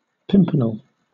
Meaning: A plant of the genus Pimpinella, especially burnet saxifrage (Pimpinella saxifraga)
- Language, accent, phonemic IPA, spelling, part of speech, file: English, Southern England, /ˈpɪmpənɛl/, pimpernel, noun, LL-Q1860 (eng)-pimpernel.wav